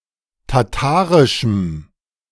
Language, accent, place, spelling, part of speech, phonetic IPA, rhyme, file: German, Germany, Berlin, tatarischem, adjective, [taˈtaːʁɪʃm̩], -aːʁɪʃm̩, De-tatarischem.ogg
- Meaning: strong dative masculine/neuter singular of tatarisch